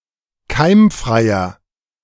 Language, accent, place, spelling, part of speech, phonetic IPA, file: German, Germany, Berlin, keimfreier, adjective, [ˈkaɪ̯mˌfʁaɪ̯ɐ], De-keimfreier.ogg
- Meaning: inflection of keimfrei: 1. strong/mixed nominative masculine singular 2. strong genitive/dative feminine singular 3. strong genitive plural